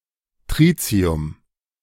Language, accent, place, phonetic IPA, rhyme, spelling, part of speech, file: German, Germany, Berlin, [ˈtʁiːt͡si̯ʊm], -iːt͡si̯ʊm, Tritium, noun, De-Tritium.ogg
- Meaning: tritium (isotope of hydrogen)